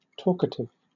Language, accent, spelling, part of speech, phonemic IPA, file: English, Southern England, talkative, adjective, /ˈtɔː.kə.tɪv/, LL-Q1860 (eng)-talkative.wav
- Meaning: 1. Tending to talk a lot 2. Speaking openly and honestly, neglecting privacy and consequences